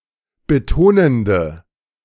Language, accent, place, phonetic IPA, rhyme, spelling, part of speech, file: German, Germany, Berlin, [bəˈtoːnəndə], -oːnəndə, betonende, adjective, De-betonende.ogg
- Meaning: inflection of betonend: 1. strong/mixed nominative/accusative feminine singular 2. strong nominative/accusative plural 3. weak nominative all-gender singular